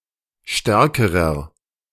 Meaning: inflection of stark: 1. strong/mixed nominative masculine singular comparative degree 2. strong genitive/dative feminine singular comparative degree 3. strong genitive plural comparative degree
- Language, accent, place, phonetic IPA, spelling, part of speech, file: German, Germany, Berlin, [ˈʃtɛʁkəʁɐ], stärkerer, adjective, De-stärkerer.ogg